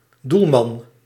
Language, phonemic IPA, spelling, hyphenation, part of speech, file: Dutch, /ˈdul.mɑn/, doelman, doel‧man, noun, Nl-doelman.ogg
- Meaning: male goalie, male goal keeper